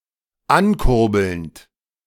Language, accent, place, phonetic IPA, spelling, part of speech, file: German, Germany, Berlin, [ˈanˌkʊʁbl̩nt], ankurbelnd, verb, De-ankurbelnd.ogg
- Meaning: present participle of ankurbeln